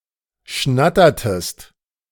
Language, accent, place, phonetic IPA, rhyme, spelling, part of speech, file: German, Germany, Berlin, [ˈʃnatɐtəst], -atɐtəst, schnattertest, verb, De-schnattertest.ogg
- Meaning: inflection of schnattern: 1. second-person singular preterite 2. second-person singular subjunctive II